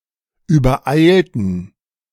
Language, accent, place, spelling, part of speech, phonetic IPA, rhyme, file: German, Germany, Berlin, übereilten, adjective / verb, [yːbɐˈʔaɪ̯ltn̩], -aɪ̯ltn̩, De-übereilten.ogg
- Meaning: inflection of übereilt: 1. strong genitive masculine/neuter singular 2. weak/mixed genitive/dative all-gender singular 3. strong/weak/mixed accusative masculine singular 4. strong dative plural